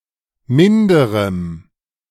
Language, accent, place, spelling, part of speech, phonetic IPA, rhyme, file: German, Germany, Berlin, minderem, adjective, [ˈmɪndəʁəm], -ɪndəʁəm, De-minderem.ogg
- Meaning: strong dative masculine/neuter singular of minder